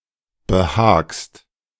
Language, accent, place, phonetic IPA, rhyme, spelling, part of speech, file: German, Germany, Berlin, [bəˈhaːkst], -aːkst, behagst, verb, De-behagst.ogg
- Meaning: second-person singular present of behagen